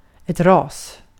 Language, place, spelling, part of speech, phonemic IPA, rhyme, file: Swedish, Gotland, ras, noun, /rɑːs/, -ɑːs, Sv-ras.ogg
- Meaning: 1. a race (a large group of individuals of the same species set apart from others on the basis of a common heritage), a breed 2. a collapse (of a building) 3. a mudslide (geological disaster)